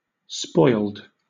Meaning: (verb) simple past and past participle of spoil; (adjective) 1. That has deteriorated to the point of no longer being usable or edible 2. The state of being heavily pampered
- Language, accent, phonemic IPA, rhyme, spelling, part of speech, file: English, Southern England, /spɔɪld/, -ɔɪld, spoiled, verb / adjective, LL-Q1860 (eng)-spoiled.wav